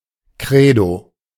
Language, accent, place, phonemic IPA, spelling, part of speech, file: German, Germany, Berlin, /ˈkʁeːdo/, Credo, noun, De-Credo.ogg
- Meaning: creed; credo